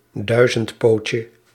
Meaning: diminutive of duizendpoot
- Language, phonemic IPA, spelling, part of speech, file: Dutch, /ˈdœyzəntˌpocə/, duizendpootje, noun, Nl-duizendpootje.ogg